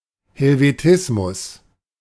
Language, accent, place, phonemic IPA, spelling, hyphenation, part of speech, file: German, Germany, Berlin, /hɛlveˈtɪsmʊs/, Helvetismus, Hel‧ve‧tis‧mus, noun, De-Helvetismus.ogg
- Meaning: Helvetism